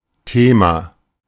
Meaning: 1. topic, subject, issue 2. theme 3. theme (stem of an inflected word)
- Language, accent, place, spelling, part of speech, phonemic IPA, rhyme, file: German, Germany, Berlin, Thema, noun, /ˈteːma/, -eːma, De-Thema.ogg